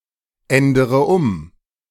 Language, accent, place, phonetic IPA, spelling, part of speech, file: German, Germany, Berlin, [ˌɛndəʁə ˈʊm], ändere um, verb, De-ändere um.ogg
- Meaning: inflection of umändern: 1. first-person singular present 2. first-person plural subjunctive I 3. third-person singular subjunctive I 4. singular imperative